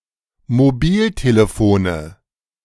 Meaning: nominative/accusative/genitive plural of Mobiltelefon
- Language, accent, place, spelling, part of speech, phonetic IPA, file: German, Germany, Berlin, Mobiltelefone, noun, [moˈbiːlteləˌfoːnə], De-Mobiltelefone.ogg